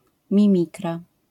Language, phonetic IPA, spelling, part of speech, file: Polish, [mʲĩˈmʲikra], mimikra, noun, LL-Q809 (pol)-mimikra.wav